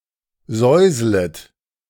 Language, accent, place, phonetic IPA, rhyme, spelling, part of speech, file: German, Germany, Berlin, [ˈzɔɪ̯zlət], -ɔɪ̯zlət, säuslet, verb, De-säuslet.ogg
- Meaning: second-person plural subjunctive I of säuseln